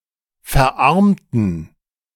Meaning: inflection of verarmen: 1. first/third-person plural preterite 2. first/third-person plural subjunctive II
- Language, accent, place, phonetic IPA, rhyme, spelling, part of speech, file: German, Germany, Berlin, [fɛɐ̯ˈʔaʁmtn̩], -aʁmtn̩, verarmten, adjective / verb, De-verarmten.ogg